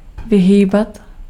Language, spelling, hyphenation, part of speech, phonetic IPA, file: Czech, vyhýbat, vy‧hý‧bat, verb, [ˈvɪɦiːbat], Cs-vyhýbat.ogg
- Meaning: to avoid